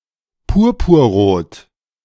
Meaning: crimson
- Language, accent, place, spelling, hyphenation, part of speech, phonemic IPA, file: German, Germany, Berlin, purpurrot, pur‧pur‧rot, adjective, /ˈpʊʁpʊʁˌʁoːt/, De-purpurrot.ogg